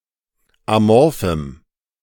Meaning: strong dative masculine/neuter singular of amorph
- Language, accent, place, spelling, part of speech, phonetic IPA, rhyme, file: German, Germany, Berlin, amorphem, adjective, [aˈmɔʁfm̩], -ɔʁfm̩, De-amorphem.ogg